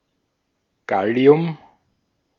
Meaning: gallium
- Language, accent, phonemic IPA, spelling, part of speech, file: German, Austria, /ˈɡali̯ʊm/, Gallium, noun, De-at-Gallium.ogg